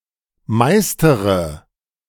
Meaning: inflection of meistern: 1. first-person singular present 2. first-person plural subjunctive I 3. third-person singular subjunctive I 4. singular imperative
- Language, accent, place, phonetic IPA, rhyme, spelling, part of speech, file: German, Germany, Berlin, [ˈmaɪ̯stəʁə], -aɪ̯stəʁə, meistere, verb, De-meistere.ogg